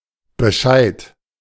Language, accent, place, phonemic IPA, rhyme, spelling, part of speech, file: German, Germany, Berlin, /bəˈʃaɪ̯t/, -aɪ̯t, Bescheid, noun, De-Bescheid.ogg
- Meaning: notification, information